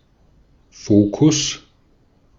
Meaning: focus
- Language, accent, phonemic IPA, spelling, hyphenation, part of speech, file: German, Austria, /ˈfoːkʊs/, Fokus, Fo‧kus, noun, De-at-Fokus.ogg